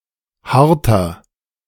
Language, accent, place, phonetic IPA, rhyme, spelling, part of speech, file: German, Germany, Berlin, [ˈhaʁtɐ], -aʁtɐ, harter, adjective, De-harter.ogg
- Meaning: inflection of hart: 1. strong/mixed nominative masculine singular 2. strong genitive/dative feminine singular 3. strong genitive plural